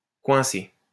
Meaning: 1. to wedge, to jam, to catch (e.g. one's finger in a door) 2. to turn a corner 3. to catch out, to expose 4. to cause a problem 5. to corner, to trap 6. to get stuck
- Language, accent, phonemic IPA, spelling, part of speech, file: French, France, /kwɛ̃.se/, coincer, verb, LL-Q150 (fra)-coincer.wav